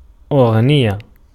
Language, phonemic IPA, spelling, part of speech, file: Arabic, /ʔuɣ.nij.ja/, أغنية, noun, Ar-أغنية.ogg
- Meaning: song, melody, tune